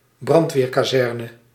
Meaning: A fire station, housing a fire brigade
- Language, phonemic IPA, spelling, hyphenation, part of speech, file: Dutch, /ˈbrɑnt.ʋeːr.kaːˌzɛr.nə/, brandweerkazerne, brand‧weer‧ka‧zer‧ne, noun, Nl-brandweerkazerne.ogg